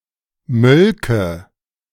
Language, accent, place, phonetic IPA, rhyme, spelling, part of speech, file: German, Germany, Berlin, [ˈmœlkə], -œlkə, mölke, verb, De-mölke.ogg
- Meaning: first/third-person singular subjunctive II of melken